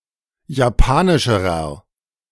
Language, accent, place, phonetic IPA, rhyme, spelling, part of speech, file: German, Germany, Berlin, [jaˈpaːnɪʃəʁɐ], -aːnɪʃəʁɐ, japanischerer, adjective, De-japanischerer.ogg
- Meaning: inflection of japanisch: 1. strong/mixed nominative masculine singular comparative degree 2. strong genitive/dative feminine singular comparative degree 3. strong genitive plural comparative degree